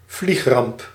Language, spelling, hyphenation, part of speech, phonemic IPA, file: Dutch, vliegramp, vlieg‧ramp, noun, /ˈvlix.rɑmp/, Nl-vliegramp.ogg
- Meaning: aircraft disaster, disaster pertaining to aviation